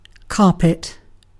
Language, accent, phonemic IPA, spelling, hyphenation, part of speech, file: English, UK, /ˈkɑː.pɪt/, carpet, car‧pet, noun / verb, En-uk-carpet.ogg
- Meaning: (noun) 1. A fabric used as a complete floor covering 2. Any surface or cover resembling a carpet or fulfilling its function 3. Any of a number of moths in the geometrid subfamily Larentiinae